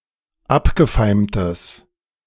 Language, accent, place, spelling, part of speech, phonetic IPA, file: German, Germany, Berlin, abgefeimtes, adjective, [ˈapɡəˌfaɪ̯mtəs], De-abgefeimtes.ogg
- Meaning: strong/mixed nominative/accusative neuter singular of abgefeimt